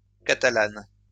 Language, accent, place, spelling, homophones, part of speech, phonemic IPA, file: French, France, Lyon, catalanes, catalane, adjective, /ka.ta.lan/, LL-Q150 (fra)-catalanes.wav
- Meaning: feminine plural of catalan